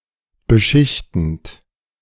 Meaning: present participle of beschichten
- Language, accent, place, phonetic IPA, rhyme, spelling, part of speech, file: German, Germany, Berlin, [bəˈʃɪçtn̩t], -ɪçtn̩t, beschichtend, verb, De-beschichtend.ogg